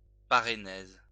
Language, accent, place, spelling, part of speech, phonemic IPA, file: French, France, Lyon, parénèse, noun, /pa.ʁe.nɛz/, LL-Q150 (fra)-parénèse.wav
- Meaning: parenesis